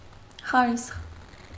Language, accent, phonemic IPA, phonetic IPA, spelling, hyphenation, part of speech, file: Armenian, Eastern Armenian, /χɑˈɾisχ/, [χɑɾísχ], խարիսխ, խա‧րիսխ, noun, Hy-խարիսխ.ogg
- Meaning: 1. anchor 2. base, foundation, pedestal